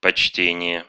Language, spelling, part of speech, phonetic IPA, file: Russian, почтение, noun, [pɐt͡ɕˈtʲenʲɪje], Ru-почте́ние.ogg
- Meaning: respect, esteem, consideration, deference